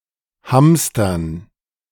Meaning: 1. gerund of hamstern 2. dative plural of Hamster
- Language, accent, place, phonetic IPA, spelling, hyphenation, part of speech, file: German, Germany, Berlin, [ˈhamstɐn], Hamstern, Hams‧tern, noun, De-Hamstern.ogg